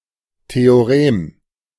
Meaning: theorem
- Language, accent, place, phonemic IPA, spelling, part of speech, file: German, Germany, Berlin, /tʰeoʁˈem/, Theorem, noun, De-Theorem.ogg